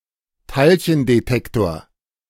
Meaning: particle detector
- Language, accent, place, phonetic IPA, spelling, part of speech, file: German, Germany, Berlin, [ˈtaɪ̯lçəndeˌtɛktoːɐ̯], Teilchendetektor, noun, De-Teilchendetektor.ogg